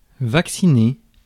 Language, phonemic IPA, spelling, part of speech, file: French, /vak.si.ne/, vacciner, verb, Fr-vacciner.ogg
- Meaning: to vaccinate